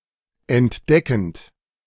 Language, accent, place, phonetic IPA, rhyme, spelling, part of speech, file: German, Germany, Berlin, [ɛntˈdɛkn̩t], -ɛkn̩t, entdeckend, verb, De-entdeckend.ogg
- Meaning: present participle of entdecken